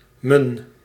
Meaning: contraction of mijn
- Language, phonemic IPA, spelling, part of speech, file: Dutch, /mən/, m'n, pronoun, Nl-m'n.ogg